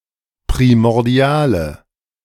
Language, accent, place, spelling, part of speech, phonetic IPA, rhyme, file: German, Germany, Berlin, primordiale, adjective, [pʁimɔʁˈdi̯aːlə], -aːlə, De-primordiale.ogg
- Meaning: inflection of primordial: 1. strong/mixed nominative/accusative feminine singular 2. strong nominative/accusative plural 3. weak nominative all-gender singular